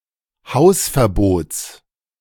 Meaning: genitive singular of Hausverbot
- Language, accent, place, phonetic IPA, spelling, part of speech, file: German, Germany, Berlin, [ˈhaʊ̯sfɛɐ̯ˌboːt͡s], Hausverbots, noun, De-Hausverbots.ogg